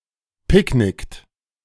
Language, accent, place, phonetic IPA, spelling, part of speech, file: German, Germany, Berlin, [ˈpɪkˌnɪkt], picknickt, verb, De-picknickt.ogg
- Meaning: inflection of picknicken: 1. third-person singular present 2. second-person plural present 3. plural imperative